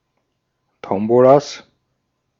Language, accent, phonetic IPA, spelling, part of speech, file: German, Austria, [ˈtɔmbolas], Tombolas, noun, De-at-Tombolas.ogg
- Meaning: plural of Tombola